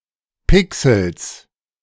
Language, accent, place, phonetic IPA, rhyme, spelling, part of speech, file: German, Germany, Berlin, [ˈpɪksl̩s], -ɪksl̩s, Pixels, noun, De-Pixels.ogg
- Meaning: genitive singular of Pixel